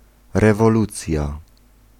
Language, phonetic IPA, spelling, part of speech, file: Polish, [ˌrɛvɔˈlut͡sʲja], rewolucja, noun, Pl-rewolucja.ogg